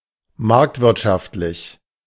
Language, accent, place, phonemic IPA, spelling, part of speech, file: German, Germany, Berlin, /ˈmaʁktvɪʁtʃaftlɪç/, marktwirtschaftlich, adjective, De-marktwirtschaftlich.ogg
- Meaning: market economy